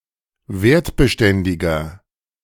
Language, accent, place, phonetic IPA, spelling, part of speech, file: German, Germany, Berlin, [ˈveːɐ̯tbəˌʃtɛndɪɡɐ], wertbeständiger, adjective, De-wertbeständiger.ogg
- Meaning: 1. comparative degree of wertbeständig 2. inflection of wertbeständig: strong/mixed nominative masculine singular 3. inflection of wertbeständig: strong genitive/dative feminine singular